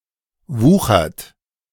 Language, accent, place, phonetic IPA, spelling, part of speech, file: German, Germany, Berlin, [ˈvuːxɐt], wuchert, verb, De-wuchert.ogg
- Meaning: inflection of wuchern: 1. second-person plural present 2. third-person singular present 3. plural imperative